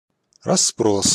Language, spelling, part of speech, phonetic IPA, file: Russian, расспрос, noun, [rɐs(ː)ˈpros], Ru-расспрос.ogg
- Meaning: questioning, making inquiries